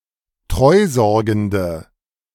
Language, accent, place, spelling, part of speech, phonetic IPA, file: German, Germany, Berlin, treusorgende, adjective, [ˈtʁɔɪ̯ˌzɔʁɡn̩də], De-treusorgende.ogg
- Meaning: inflection of treusorgend: 1. strong/mixed nominative/accusative feminine singular 2. strong nominative/accusative plural 3. weak nominative all-gender singular